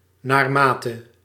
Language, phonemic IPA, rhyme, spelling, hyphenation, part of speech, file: Dutch, /ˌnaːrˈmaː.tə/, -aːtə, naarmate, naar‧ma‧te, conjunction, Nl-naarmate.ogg
- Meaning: as, to the extent that